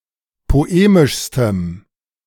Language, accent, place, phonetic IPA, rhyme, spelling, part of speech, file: German, Germany, Berlin, [poˈeːmɪʃstəm], -eːmɪʃstəm, poemischstem, adjective, De-poemischstem.ogg
- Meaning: strong dative masculine/neuter singular superlative degree of poemisch